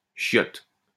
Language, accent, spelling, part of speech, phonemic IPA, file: French, France, chiotte, noun, /ʃjɔt/, LL-Q150 (fra)-chiotte.wav
- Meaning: 1. shitter, toilet 2. car, ride, whip